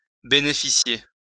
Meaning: 1. to enjoy, to benefit from, to get, to receive 2. to benefit to
- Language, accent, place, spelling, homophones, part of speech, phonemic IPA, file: French, France, Lyon, bénéficier, bénéficiai / bénéficié / bénéficiée / bénéficiées / bénéficiés / bénéficiez, verb, /be.ne.fi.sje/, LL-Q150 (fra)-bénéficier.wav